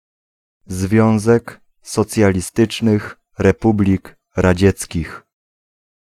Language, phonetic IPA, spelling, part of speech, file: Polish, [ˈzvʲjɔ̃w̃zɛk ˌsɔt͡sʲjalʲiˈstɨt͡ʃnɨx rɛˈpublʲik raˈd͡ʑɛt͡sʲcix], Związek Socjalistycznych Republik Radzieckich, proper noun, Pl-Związek Socjalistycznych Republik Radzieckich.ogg